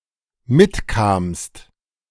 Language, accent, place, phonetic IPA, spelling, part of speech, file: German, Germany, Berlin, [ˈmɪtˌkaːmst], mitkamst, verb, De-mitkamst.ogg
- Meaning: second-person singular dependent preterite of mitkommen